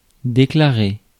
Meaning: 1. to declare 2. to declare oneself (to be), to state (one's opinion) that, to come out in favour of/down against 3. to break out
- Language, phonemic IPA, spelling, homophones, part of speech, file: French, /de.kla.ʁe/, déclarer, déclarai / déclaré / déclarée / déclarées / déclarés / déclarez, verb, Fr-déclarer.ogg